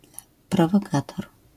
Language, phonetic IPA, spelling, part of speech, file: Polish, [ˌprɔvɔˈkatɔr], prowokator, noun, LL-Q809 (pol)-prowokator.wav